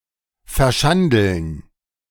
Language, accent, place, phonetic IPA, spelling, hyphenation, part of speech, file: German, Germany, Berlin, [fɛɐ̯ˈʃandl̩n], verschandeln, ver‧schan‧deln, verb, De-verschandeln.ogg
- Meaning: to ruin, to deface, to disfigure (e.g. the look of a person, landscape, city, etc.)